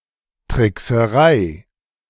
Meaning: trickery
- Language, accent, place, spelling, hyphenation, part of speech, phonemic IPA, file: German, Germany, Berlin, Trickserei, Trick‧se‧rei, noun, /tʁɪksəˈʁaɪ̯/, De-Trickserei.ogg